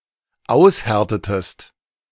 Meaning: inflection of aushärten: 1. second-person singular dependent preterite 2. second-person singular dependent subjunctive II
- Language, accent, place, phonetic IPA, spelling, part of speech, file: German, Germany, Berlin, [ˈaʊ̯sˌhɛʁtətəst], aushärtetest, verb, De-aushärtetest.ogg